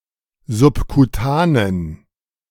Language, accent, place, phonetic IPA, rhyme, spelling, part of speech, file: German, Germany, Berlin, [zʊpkuˈtaːnən], -aːnən, subkutanen, adjective, De-subkutanen.ogg
- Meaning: inflection of subkutan: 1. strong genitive masculine/neuter singular 2. weak/mixed genitive/dative all-gender singular 3. strong/weak/mixed accusative masculine singular 4. strong dative plural